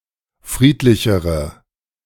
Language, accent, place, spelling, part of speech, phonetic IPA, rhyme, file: German, Germany, Berlin, friedlichere, adjective, [ˈfʁiːtlɪçəʁə], -iːtlɪçəʁə, De-friedlichere.ogg
- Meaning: inflection of friedlich: 1. strong/mixed nominative/accusative feminine singular comparative degree 2. strong nominative/accusative plural comparative degree